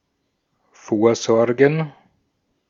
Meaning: to make provision
- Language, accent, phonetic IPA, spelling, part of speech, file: German, Austria, [ˈfoːɐ̯ˌzɔʁɡn̩], vorsorgen, verb, De-at-vorsorgen.ogg